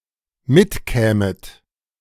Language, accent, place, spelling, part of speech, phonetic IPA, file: German, Germany, Berlin, mitkämet, verb, [ˈmɪtˌkɛːmət], De-mitkämet.ogg
- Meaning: second-person plural dependent subjunctive II of mitkommen